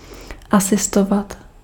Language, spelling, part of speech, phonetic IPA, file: Czech, asistovat, verb, [ˈasɪstovat], Cs-asistovat.ogg
- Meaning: to assist (to help someone)